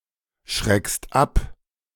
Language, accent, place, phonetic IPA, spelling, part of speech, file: German, Germany, Berlin, [ˌʃʁɛkst ˈap], schreckst ab, verb, De-schreckst ab.ogg
- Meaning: second-person singular present of abschrecken